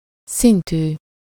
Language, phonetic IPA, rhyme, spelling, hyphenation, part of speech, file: Hungarian, [ˈsintyː], -tyː, szintű, szin‧tű, adjective, Hu-szintű.ogg
- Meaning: of level, -level